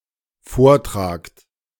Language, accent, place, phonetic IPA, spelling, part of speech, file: German, Germany, Berlin, [ˈfoːɐ̯ˌtʁaːkt], vortragt, verb, De-vortragt.ogg
- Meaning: second-person plural dependent present of vortragen